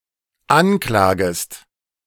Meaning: second-person singular dependent subjunctive I of anklagen
- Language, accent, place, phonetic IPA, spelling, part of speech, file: German, Germany, Berlin, [ˈanˌklaːɡəst], anklagest, verb, De-anklagest.ogg